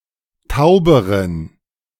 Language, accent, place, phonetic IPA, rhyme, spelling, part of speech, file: German, Germany, Berlin, [ˈtaʊ̯bəʁən], -aʊ̯bəʁən, tauberen, adjective, De-tauberen.ogg
- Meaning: inflection of taub: 1. strong genitive masculine/neuter singular comparative degree 2. weak/mixed genitive/dative all-gender singular comparative degree